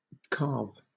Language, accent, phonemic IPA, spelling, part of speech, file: English, Southern England, /kɑːv/, calve, verb, LL-Q1860 (eng)-calve.wav
- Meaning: 1. To give birth to a calf 2. To assist in a cow’s giving birth to a calf 3. To give birth to (a calf) 4. To shed a large piece 5. To break off 6. To shed (a large piece); to set loose (a mass of ice)